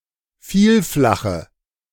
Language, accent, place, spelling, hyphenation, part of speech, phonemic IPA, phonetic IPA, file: German, Germany, Berlin, Vielflache, Viel‧fla‧che, noun, /ˈfiːlˌflaxə/, [ˈfiːlˌflaχə], De-Vielflache.ogg
- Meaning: nominative/accusative/genitive plural of Vielflach